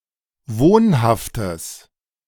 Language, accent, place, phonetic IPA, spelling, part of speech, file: German, Germany, Berlin, [ˈvoːnhaftəs], wohnhaftes, adjective, De-wohnhaftes.ogg
- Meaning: strong/mixed nominative/accusative neuter singular of wohnhaft